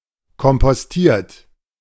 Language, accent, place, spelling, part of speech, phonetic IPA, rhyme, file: German, Germany, Berlin, kompostiert, verb, [kɔmpɔsˈtiːɐ̯t], -iːɐ̯t, De-kompostiert.ogg
- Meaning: 1. past participle of kompostieren 2. inflection of kompostieren: third-person singular present 3. inflection of kompostieren: second-person plural present